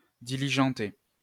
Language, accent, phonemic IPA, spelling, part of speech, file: French, France, /di.li.ʒɑ̃.te/, diligenter, verb, LL-Q150 (fra)-diligenter.wav
- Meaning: to expedite